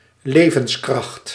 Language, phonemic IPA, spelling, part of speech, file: Dutch, /ˈleː.və(n)s.krɑxt/, levenskracht, noun, Nl-levenskracht.ogg
- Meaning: 1. vitality 2. life force